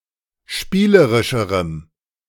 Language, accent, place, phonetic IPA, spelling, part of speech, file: German, Germany, Berlin, [ˈʃpiːləʁɪʃəʁəm], spielerischerem, adjective, De-spielerischerem.ogg
- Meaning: strong dative masculine/neuter singular comparative degree of spielerisch